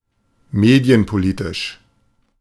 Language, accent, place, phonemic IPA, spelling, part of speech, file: German, Germany, Berlin, /ˈmeːdɪ̯ənpoˌliːtɪʃ/, medienpolitisch, adjective, De-medienpolitisch.ogg
- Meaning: media politics